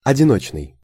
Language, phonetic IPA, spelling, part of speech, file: Russian, [ɐdʲɪˈnot͡ɕnɨj], одиночный, adjective, Ru-одиночный.ogg
- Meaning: single